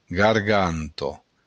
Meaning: throat
- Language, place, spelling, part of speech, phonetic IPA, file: Occitan, Béarn, garganta, noun, [ɡarˈɡanto], LL-Q14185 (oci)-garganta.wav